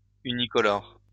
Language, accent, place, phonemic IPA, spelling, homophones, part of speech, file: French, France, Lyon, /y.ni.kɔ.lɔʁ/, unicolore, unicolores, adjective, LL-Q150 (fra)-unicolore.wav
- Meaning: one-color/one-colour, unicolor/unicolour, monocolor/monocolour, monochromatic, monocrome, one-tone